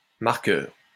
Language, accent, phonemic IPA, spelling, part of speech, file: French, France, /maʁ.kœʁ/, marqueur, noun, LL-Q150 (fra)-marqueur.wav
- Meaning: 1. marker (something that marks) 2. marker; marker pen 3. marker, scorer (someone who keeps score) 4. paintball gun